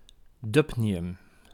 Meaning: dubnium
- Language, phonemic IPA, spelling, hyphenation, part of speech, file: Dutch, /ˈdʏp.ni.ʏm/, dubnium, dub‧ni‧um, noun, Nl-dubnium.ogg